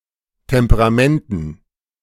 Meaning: dative plural of Temperament
- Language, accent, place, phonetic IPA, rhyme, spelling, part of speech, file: German, Germany, Berlin, [tɛmpəʁaˈmɛntn̩], -ɛntn̩, Temperamenten, noun, De-Temperamenten.ogg